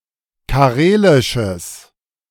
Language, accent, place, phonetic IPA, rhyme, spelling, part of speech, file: German, Germany, Berlin, [kaˈʁeːlɪʃəs], -eːlɪʃəs, karelisches, adjective, De-karelisches.ogg
- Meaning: strong/mixed nominative/accusative neuter singular of karelisch